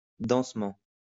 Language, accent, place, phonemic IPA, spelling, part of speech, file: French, France, Lyon, /dɑ̃s.mɑ̃/, densement, adverb, LL-Q150 (fra)-densement.wav
- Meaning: densely